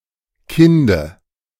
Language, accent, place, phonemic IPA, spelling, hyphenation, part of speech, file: German, Germany, Berlin, /ˈkɪndə/, Kinde, Kin‧de, noun, De-Kinde.ogg
- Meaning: dative singular of Kind